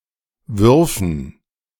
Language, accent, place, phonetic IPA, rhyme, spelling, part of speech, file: German, Germany, Berlin, [ˈvʏʁfn̩], -ʏʁfn̩, würfen, verb, De-würfen.ogg
- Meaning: first/third-person plural subjunctive II of werfen